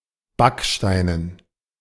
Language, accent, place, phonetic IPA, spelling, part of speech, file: German, Germany, Berlin, [ˈbakʃtaɪ̯nən], Backsteinen, noun, De-Backsteinen.ogg
- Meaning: dative plural of Backstein